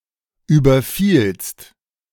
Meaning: second-person singular preterite of überfallen
- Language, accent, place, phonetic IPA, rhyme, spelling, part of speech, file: German, Germany, Berlin, [ˌyːbɐˈfiːlst], -iːlst, überfielst, verb, De-überfielst.ogg